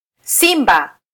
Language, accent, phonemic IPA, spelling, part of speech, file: Swahili, Kenya, /ˈsi.ᵐbɑ/, simba, noun / verb, Sw-ke-simba.flac
- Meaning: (noun) lion; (verb) 1. to code (to put something in language) 2. to encode